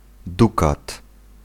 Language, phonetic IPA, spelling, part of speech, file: Polish, [ˈdukat], dukat, noun, Pl-dukat.ogg